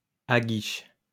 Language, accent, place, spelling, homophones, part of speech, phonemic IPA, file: French, France, Lyon, aguiche, aguichent / aguiches, verb, /a.ɡiʃ/, LL-Q150 (fra)-aguiche.wav
- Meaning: inflection of aguicher: 1. first/third-person singular present indicative/subjunctive 2. second-person singular imperative